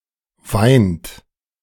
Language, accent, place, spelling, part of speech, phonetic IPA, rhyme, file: German, Germany, Berlin, weint, verb, [vaɪ̯nt], -aɪ̯nt, De-weint.ogg
- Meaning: inflection of weinen: 1. third-person singular present 2. second-person plural present 3. plural imperative